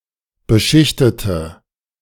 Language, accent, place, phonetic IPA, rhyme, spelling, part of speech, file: German, Germany, Berlin, [bəˈʃɪçtətə], -ɪçtətə, beschichtete, adjective / verb, De-beschichtete.ogg
- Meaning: inflection of beschichtet: 1. strong/mixed nominative/accusative feminine singular 2. strong nominative/accusative plural 3. weak nominative all-gender singular